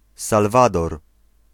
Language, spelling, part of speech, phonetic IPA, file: Polish, Salwador, proper noun, [salˈvadɔr], Pl-Salwador.ogg